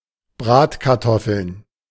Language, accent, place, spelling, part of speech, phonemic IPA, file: German, Germany, Berlin, Bratkartoffeln, noun, /ˈbʁaːtkaʁˌtɔfəln/, De-Bratkartoffeln.ogg
- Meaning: German fried potatoes; potatoes (usually cooked) cut into slices and roasted in a pan, roughly similar to home fries, cottage fries, or in edge cases to hash browns